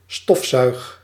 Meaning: inflection of stofzuigen: 1. first-person singular present indicative 2. second-person singular present indicative 3. imperative
- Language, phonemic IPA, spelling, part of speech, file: Dutch, /ˈstɔf.sœy̯x/, stofzuig, verb, Nl-stofzuig.ogg